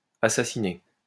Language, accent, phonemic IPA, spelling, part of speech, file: French, France, /a.sa.si.ne/, assassiné, verb, LL-Q150 (fra)-assassiné.wav
- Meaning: past participle of assassiner